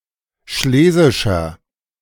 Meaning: inflection of schlesisch: 1. strong/mixed nominative masculine singular 2. strong genitive/dative feminine singular 3. strong genitive plural
- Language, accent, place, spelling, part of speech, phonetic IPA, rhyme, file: German, Germany, Berlin, schlesischer, adjective, [ˈʃleːzɪʃɐ], -eːzɪʃɐ, De-schlesischer.ogg